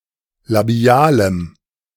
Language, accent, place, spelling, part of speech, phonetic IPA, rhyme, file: German, Germany, Berlin, labialem, adjective, [laˈbi̯aːləm], -aːləm, De-labialem.ogg
- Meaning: strong dative masculine/neuter singular of labial